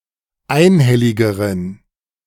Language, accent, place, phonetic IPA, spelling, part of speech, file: German, Germany, Berlin, [ˈaɪ̯nˌhɛlɪɡəʁən], einhelligeren, adjective, De-einhelligeren.ogg
- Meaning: inflection of einhellig: 1. strong genitive masculine/neuter singular comparative degree 2. weak/mixed genitive/dative all-gender singular comparative degree